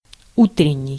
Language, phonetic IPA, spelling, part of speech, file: Russian, [ˈutrʲɪnʲ(ː)ɪj], утренний, adjective, Ru-утренний.ogg
- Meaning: morning-, of the morning